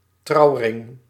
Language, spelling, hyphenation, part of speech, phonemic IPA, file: Dutch, trouwring, trouw‧ring, noun, /ˈtrɑu̯ˌrɪŋ/, Nl-trouwring.ogg
- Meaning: wedding ring